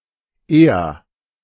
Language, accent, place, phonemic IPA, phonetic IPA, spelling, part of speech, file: German, Germany, Berlin, /ˈeːər/, [ˈʔeː.ɐ], eher, adverb / adjective, De-eher.ogg
- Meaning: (adverb) 1. comparative degree of bald / früh: sooner, earlier 2. rather: fairly, relatively, somewhat; expresses a weakened degree 3. rather: sooner, more readily, preferably; expresses a preference